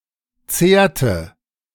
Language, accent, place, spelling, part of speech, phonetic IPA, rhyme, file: German, Germany, Berlin, zehrte, verb, [ˈt͡seːɐ̯tə], -eːɐ̯tə, De-zehrte.ogg
- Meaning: inflection of zehren: 1. first/third-person singular preterite 2. first/third-person singular subjunctive II